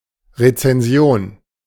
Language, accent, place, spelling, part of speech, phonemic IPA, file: German, Germany, Berlin, Rezension, noun, /ʁet͡sɛnˈzi̯oːn/, De-Rezension.ogg
- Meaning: critique, review (of a work of art)